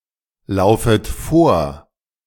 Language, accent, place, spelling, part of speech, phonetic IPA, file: German, Germany, Berlin, laufet vor, verb, [ˌlaʊ̯fət ˈfoːɐ̯], De-laufet vor.ogg
- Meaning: second-person plural subjunctive I of vorlaufen